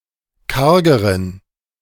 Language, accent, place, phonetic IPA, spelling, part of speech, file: German, Germany, Berlin, [ˈkaʁɡəʁən], kargeren, adjective, De-kargeren.ogg
- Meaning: inflection of karg: 1. strong genitive masculine/neuter singular comparative degree 2. weak/mixed genitive/dative all-gender singular comparative degree